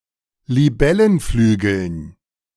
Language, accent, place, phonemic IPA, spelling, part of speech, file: German, Germany, Berlin, /liˈbɛlənˌflyːɡl̩n/, Libellenflügeln, noun, De-Libellenflügeln.ogg
- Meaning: dative plural of Libellenflügel